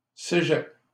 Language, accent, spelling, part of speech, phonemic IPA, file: French, Canada, cégeps, noun, /se.ʒɛp/, LL-Q150 (fra)-cégeps.wav
- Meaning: plural of cégep